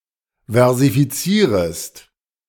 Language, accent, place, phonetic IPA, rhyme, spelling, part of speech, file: German, Germany, Berlin, [vɛʁzifiˈt͡siːʁəst], -iːʁəst, versifizierest, verb, De-versifizierest.ogg
- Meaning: second-person singular subjunctive I of versifizieren